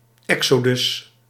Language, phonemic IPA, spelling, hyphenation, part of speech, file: Dutch, /ˈɛk.soːˌdʏs/, Exodus, Exo‧dus, proper noun, Nl-Exodus.ogg
- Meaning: 1. Exodus (supposed departure of the Israelites from Egypt) 2. Exodus (book of the Hebrew Bible)